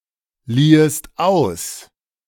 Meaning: second-person singular subjunctive II of ausleihen
- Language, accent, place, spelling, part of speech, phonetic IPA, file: German, Germany, Berlin, liehest aus, verb, [ˌliːəst ˈaʊ̯s], De-liehest aus.ogg